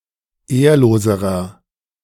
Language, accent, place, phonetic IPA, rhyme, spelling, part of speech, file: German, Germany, Berlin, [ˈeːɐ̯loːzəʁɐ], -eːɐ̯loːzəʁɐ, ehrloserer, adjective, De-ehrloserer.ogg
- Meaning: inflection of ehrlos: 1. strong/mixed nominative masculine singular comparative degree 2. strong genitive/dative feminine singular comparative degree 3. strong genitive plural comparative degree